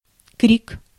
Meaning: 1. cry (a shout or scream), outcry, scream, shout, shouting, yell 2. creek (in English and American creek names)
- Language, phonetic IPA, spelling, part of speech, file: Russian, [krʲik], крик, noun, Ru-крик.ogg